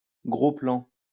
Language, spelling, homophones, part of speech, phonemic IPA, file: French, plant, plan / plans / plants, noun, /plɑ̃/, LL-Q150 (fra)-plant.wav
- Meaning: 1. seedling 2. young plant or plantation